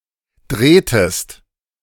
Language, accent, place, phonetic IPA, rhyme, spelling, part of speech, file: German, Germany, Berlin, [ˈdʁeːtəst], -eːtəst, drehtest, verb, De-drehtest.ogg
- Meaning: inflection of drehen: 1. second-person singular preterite 2. second-person singular subjunctive II